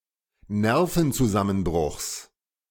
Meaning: genitive singular of Nervenzusammenbruch
- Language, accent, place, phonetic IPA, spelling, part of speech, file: German, Germany, Berlin, [ˈnɛʁfn̩t͡suˌzamənbʁʊxs], Nervenzusammenbruchs, noun, De-Nervenzusammenbruchs.ogg